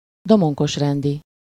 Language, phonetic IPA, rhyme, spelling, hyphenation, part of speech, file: Hungarian, [ˈdomoŋkoʃrɛndi], -di, Domonkos-rendi, Do‧mon‧kos-‧ren‧di, adjective, Hu-Domonkos-rendi.ogg
- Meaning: Dominican (of or belonging to the Dominican religious order)